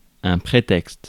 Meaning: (noun) excuse, pretext (explanation designed to avoid or alleviate guilt or negative judgement); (verb) inflection of prétexter: first/third-person singular present indicative/subjunctive
- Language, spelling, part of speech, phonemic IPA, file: French, prétexte, noun / verb, /pʁe.tɛkst/, Fr-prétexte.ogg